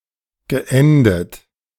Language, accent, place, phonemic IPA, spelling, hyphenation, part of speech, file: German, Germany, Berlin, /ˌɡəˈʔɛndət/, geendet, ge‧en‧det, verb, De-geendet.ogg
- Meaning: past participle of enden